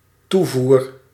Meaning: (noun) supply; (verb) first-person singular dependent-clause present indicative of toevoeren
- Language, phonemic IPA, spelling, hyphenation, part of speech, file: Dutch, /ˈtuˌvur/, toevoer, toe‧voer, noun / verb, Nl-toevoer.ogg